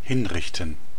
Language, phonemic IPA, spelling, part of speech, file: German, /ˈhɪnˌʁɪçtn̩/, hinrichten, verb, DE-hinrichten.ogg
- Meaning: to execute, to put to death